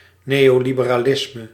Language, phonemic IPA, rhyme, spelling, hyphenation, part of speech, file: Dutch, /ˌneː.oː.li.bə.raːˈlɪs.mə/, -ɪsmə, neoliberalisme, neo‧li‧be‧ra‧lis‧me, noun, Nl-neoliberalisme.ogg
- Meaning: neoliberalism